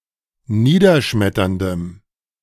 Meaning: strong dative masculine/neuter singular of niederschmetternd
- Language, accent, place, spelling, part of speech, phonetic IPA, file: German, Germany, Berlin, niederschmetterndem, adjective, [ˈniːdɐˌʃmɛtɐndəm], De-niederschmetterndem.ogg